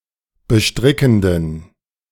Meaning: inflection of bestrickend: 1. strong genitive masculine/neuter singular 2. weak/mixed genitive/dative all-gender singular 3. strong/weak/mixed accusative masculine singular 4. strong dative plural
- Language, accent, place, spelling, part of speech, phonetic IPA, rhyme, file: German, Germany, Berlin, bestrickenden, adjective, [bəˈʃtʁɪkn̩dən], -ɪkn̩dən, De-bestrickenden.ogg